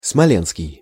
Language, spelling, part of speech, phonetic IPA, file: Russian, смоленский, adjective, [smɐˈlʲenskʲɪj], Ru-смоленский.ogg
- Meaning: Smolensk